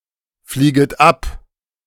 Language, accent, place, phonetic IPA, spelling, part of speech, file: German, Germany, Berlin, [ˌfliːɡət ˈap], flieget ab, verb, De-flieget ab.ogg
- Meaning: second-person plural subjunctive I of abfliegen